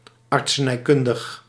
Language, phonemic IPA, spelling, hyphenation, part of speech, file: Dutch, /ɑrt.səˌnɛi̯ˈkʏn.dəx/, artsenijkundig, art‧se‧nij‧kun‧dig, adjective, Nl-artsenijkundig.ogg
- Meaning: medical (pertaining to medicine)